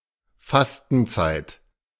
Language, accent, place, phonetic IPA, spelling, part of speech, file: German, Germany, Berlin, [ˈfastn̩ˌt͡saɪ̯t], Fastenzeit, noun, De-Fastenzeit.ogg
- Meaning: 1. fasting period 2. Lent